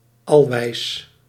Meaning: perfectly wise
- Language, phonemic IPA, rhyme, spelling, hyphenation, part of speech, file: Dutch, /ɑlˈʋɛi̯s/, -ɛi̯s, alwijs, al‧wijs, adjective, Nl-alwijs.ogg